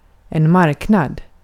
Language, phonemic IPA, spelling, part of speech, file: Swedish, /²mark.nad/, marknad, noun, Sv-marknad.ogg
- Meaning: 1. market (place for trading in general) 2. market; organized trading event 3. market; a group of potential customers 4. market; a geographical area where a certain commercial demand exist